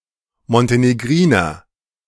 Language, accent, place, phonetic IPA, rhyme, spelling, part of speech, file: German, Germany, Berlin, [mɔnteneˈɡʁiːnɐ], -iːnɐ, Montenegriner, noun, De-Montenegriner.ogg
- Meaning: Montenegrin